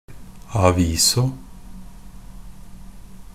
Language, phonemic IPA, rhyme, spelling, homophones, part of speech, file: Norwegian Bokmål, /aˈʋiːsɔ/, -iːsɔ, a viso, aviso, adverb, NB - Pronunciation of Norwegian Bokmål «a viso».ogg
- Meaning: after showing, after presentation